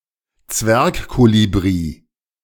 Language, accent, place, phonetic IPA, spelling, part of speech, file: German, Germany, Berlin, [ˈt͡svɛʁkˌkoːlibʁi], Zwergkolibri, noun, De-Zwergkolibri.ogg
- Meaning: A vervain hummingbird (Mellisuga minima)